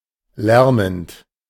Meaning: present participle of lärmen
- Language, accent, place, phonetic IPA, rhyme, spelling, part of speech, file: German, Germany, Berlin, [ˈlɛʁmənt], -ɛʁmənt, lärmend, verb, De-lärmend.ogg